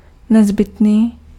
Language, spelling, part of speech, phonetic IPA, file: Czech, nezbytný, adjective, [ˈnɛzbɪtniː], Cs-nezbytný.ogg
- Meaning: 1. indispensable (impossible to be omitted, remitted, or spared) 2. necessary 3. inevitable